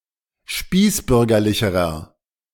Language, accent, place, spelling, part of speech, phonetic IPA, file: German, Germany, Berlin, spießbürgerlicherer, adjective, [ˈʃpiːsˌbʏʁɡɐlɪçəʁɐ], De-spießbürgerlicherer.ogg
- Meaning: inflection of spießbürgerlich: 1. strong/mixed nominative masculine singular comparative degree 2. strong genitive/dative feminine singular comparative degree